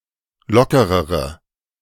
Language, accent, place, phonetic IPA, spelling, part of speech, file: German, Germany, Berlin, [ˈlɔkəʁəʁə], lockerere, adjective, De-lockerere.ogg
- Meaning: inflection of locker: 1. strong/mixed nominative/accusative feminine singular comparative degree 2. strong nominative/accusative plural comparative degree